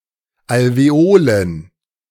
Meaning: plural of Alveole
- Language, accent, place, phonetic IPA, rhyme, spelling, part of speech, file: German, Germany, Berlin, [alveˈoːlən], -oːlən, Alveolen, noun, De-Alveolen.ogg